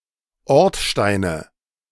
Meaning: nominative/accusative/genitive plural of Ortstein
- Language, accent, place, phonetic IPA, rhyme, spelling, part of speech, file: German, Germany, Berlin, [ˈɔʁtˌʃtaɪ̯nə], -ɔʁtʃtaɪ̯nə, Ortsteine, noun, De-Ortsteine.ogg